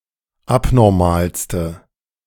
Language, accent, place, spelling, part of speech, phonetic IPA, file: German, Germany, Berlin, abnormalste, adjective, [ˈapnɔʁmaːlstə], De-abnormalste.ogg
- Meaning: inflection of abnormal: 1. strong/mixed nominative/accusative feminine singular superlative degree 2. strong nominative/accusative plural superlative degree